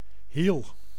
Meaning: 1. heel, part of the foot 2. analogous part of footwear or another physical entity
- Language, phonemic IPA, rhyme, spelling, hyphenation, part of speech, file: Dutch, /ɦil/, -il, hiel, hiel, noun, Nl-hiel.ogg